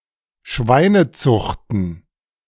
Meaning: plural of Schweinezucht
- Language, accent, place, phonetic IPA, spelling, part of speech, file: German, Germany, Berlin, [ˈʃvaɪ̯nəˌt͡sʊxtn̩], Schweinezuchten, noun, De-Schweinezuchten.ogg